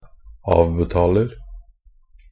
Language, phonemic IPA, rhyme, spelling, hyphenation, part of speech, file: Norwegian Bokmål, /ˈɑːʋbɛtɑːlər/, -ər, avbetaler, av‧be‧ta‧ler, verb, Nb-avbetaler.ogg
- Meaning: present tense of avbetale